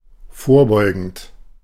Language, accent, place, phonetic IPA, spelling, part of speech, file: German, Germany, Berlin, [ˈfoːɐ̯ˌbɔɪ̯ɡn̩t], vorbeugend, adjective / verb, De-vorbeugend.ogg
- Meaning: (verb) present participle of vorbeugen; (adjective) preventive, precautionary, prophylactic